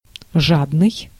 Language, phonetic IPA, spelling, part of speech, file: Russian, [ˈʐadnɨj], жадный, adjective, Ru-жадный.ogg
- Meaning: 1. greedy 2. avaricious, covetous 3. selfish